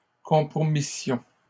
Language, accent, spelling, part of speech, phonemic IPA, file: French, Canada, compromissions, verb, /kɔ̃.pʁɔ.mi.sjɔ̃/, LL-Q150 (fra)-compromissions.wav
- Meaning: first-person plural imperfect subjunctive of compromettre